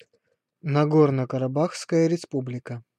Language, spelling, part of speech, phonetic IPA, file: Russian, Нагорно-Карабахская Республика, proper noun, [nɐˈɡornə kərɐˈbaxskəjə rʲɪˈspublʲɪkə], Ru-Нагорно-Карабахская Республика.ogg
- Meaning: Nagorno-Karabakh Republic (de-facto independent country, internationally recognized as part of Azerbaijan)